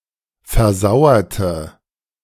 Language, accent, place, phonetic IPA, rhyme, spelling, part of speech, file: German, Germany, Berlin, [fɛɐ̯ˈzaʊ̯ɐtə], -aʊ̯ɐtə, versauerte, adjective / verb, De-versauerte.ogg
- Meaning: inflection of versauern: 1. first/third-person singular preterite 2. first/third-person singular subjunctive II